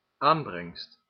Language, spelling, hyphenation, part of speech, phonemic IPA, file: Dutch, aanbrengst, aan‧brengst, noun, /ˈaːn.brɛŋst/, Nl-aanbrengst.ogg
- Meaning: that what is brought in (in legal matters)